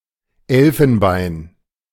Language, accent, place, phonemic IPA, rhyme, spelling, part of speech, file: German, Germany, Berlin, /ˈɛl.fənˌbaɪ̯n/, -aɪ̯n, Elfenbein, noun, De-Elfenbein.ogg
- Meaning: ivory (material)